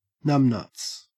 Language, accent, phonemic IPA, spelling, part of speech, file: English, Australia, /ˈnʌmnʌts/, numbnuts, noun, En-au-numbnuts.ogg
- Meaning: A slow-witted, unresponsive, or inept person (usually male)